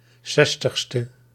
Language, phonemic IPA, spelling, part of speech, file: Dutch, /ˈsɛstəxstə/, 60e, adjective, Nl-60e.ogg
- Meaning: abbreviation of zestigste